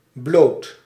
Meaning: 1. not courageous 2. timid
- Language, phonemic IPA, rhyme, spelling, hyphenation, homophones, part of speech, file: Dutch, /bloːt/, -oːt, blood, blood, bloot, adjective, Nl-blood.ogg